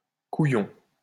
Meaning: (noun) 1. testicle 2. dickhead, bastard, pillock 3. coward 4. a Belgian card game also played in Limburg and on the border of Luxemburg and Germany 5. joker, funny person; nut, nutter
- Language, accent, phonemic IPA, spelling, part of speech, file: French, France, /ku.jɔ̃/, couillon, noun / adjective, LL-Q150 (fra)-couillon.wav